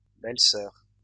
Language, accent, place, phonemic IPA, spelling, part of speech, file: French, France, Lyon, /bɛl.sœʁ/, belles-sœurs, noun, LL-Q150 (fra)-belles-sœurs.wav
- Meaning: plural of belle-sœur